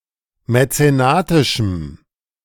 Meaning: strong dative masculine/neuter singular of mäzenatisch
- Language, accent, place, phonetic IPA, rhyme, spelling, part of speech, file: German, Germany, Berlin, [mɛt͡seˈnaːtɪʃm̩], -aːtɪʃm̩, mäzenatischem, adjective, De-mäzenatischem.ogg